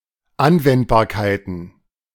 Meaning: plural of Anwendbarkeit
- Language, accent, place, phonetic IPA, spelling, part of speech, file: German, Germany, Berlin, [ˈanvɛntbaːɐ̯kaɪ̯tn̩], Anwendbarkeiten, noun, De-Anwendbarkeiten.ogg